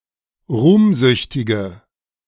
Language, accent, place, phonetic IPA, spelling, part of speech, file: German, Germany, Berlin, [ˈʁuːmˌzʏçtɪɡə], ruhmsüchtige, adjective, De-ruhmsüchtige.ogg
- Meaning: inflection of ruhmsüchtig: 1. strong/mixed nominative/accusative feminine singular 2. strong nominative/accusative plural 3. weak nominative all-gender singular